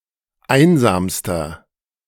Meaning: inflection of einsam: 1. strong/mixed nominative masculine singular superlative degree 2. strong genitive/dative feminine singular superlative degree 3. strong genitive plural superlative degree
- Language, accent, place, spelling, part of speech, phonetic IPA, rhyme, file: German, Germany, Berlin, einsamster, adjective, [ˈaɪ̯nzaːmstɐ], -aɪ̯nzaːmstɐ, De-einsamster.ogg